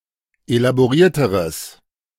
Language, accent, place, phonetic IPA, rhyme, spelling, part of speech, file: German, Germany, Berlin, [elaboˈʁiːɐ̯təʁəs], -iːɐ̯təʁəs, elaborierteres, adjective, De-elaborierteres.ogg
- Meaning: strong/mixed nominative/accusative neuter singular comparative degree of elaboriert